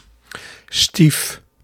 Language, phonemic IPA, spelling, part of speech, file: Dutch, /stif/, stief-, prefix, Nl-stief-.ogg
- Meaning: step-; a prefix indicating the individual being referred to is related through the marriage of a parent